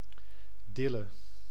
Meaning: dill (Anethum graveolens)
- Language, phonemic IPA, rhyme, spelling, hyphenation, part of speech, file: Dutch, /ˈdɪ.lə/, -ɪlə, dille, dil‧le, noun, Nl-dille.ogg